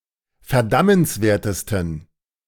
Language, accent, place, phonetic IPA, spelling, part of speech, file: German, Germany, Berlin, [fɛɐ̯ˈdamənsˌveːɐ̯təstn̩], verdammenswertesten, adjective, De-verdammenswertesten.ogg
- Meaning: 1. superlative degree of verdammenswert 2. inflection of verdammenswert: strong genitive masculine/neuter singular superlative degree